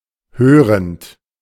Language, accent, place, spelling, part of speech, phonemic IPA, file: German, Germany, Berlin, hörend, verb / adjective, /ˈhøːʁənt/, De-hörend.ogg
- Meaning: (verb) present participle of hören; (adjective) hearing (able to hear)